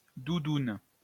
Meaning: 1. breast, melon 2. parka, anorak, down jacket, puffer jacket 3. soft toy, stuffed animal, plush toy
- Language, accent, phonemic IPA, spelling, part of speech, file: French, France, /du.dun/, doudoune, noun, LL-Q150 (fra)-doudoune.wav